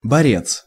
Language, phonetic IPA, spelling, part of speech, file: Russian, [bɐˈrʲet͡s], борец, noun, Ru-борец.ogg
- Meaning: 1. fighter, champion 2. wrestler 3. monkshood, wolfsbane, aconitum